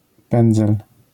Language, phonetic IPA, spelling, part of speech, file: Polish, [ˈpɛ̃nd͡zɛl], pędzel, noun, LL-Q809 (pol)-pędzel.wav